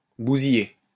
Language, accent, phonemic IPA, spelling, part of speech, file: French, France, /bu.zi.je/, bousiller, verb, LL-Q150 (fra)-bousiller.wav
- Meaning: 1. to wreck, smash up 2. to botch, screw up 3. to kill 4. to do work in bousillage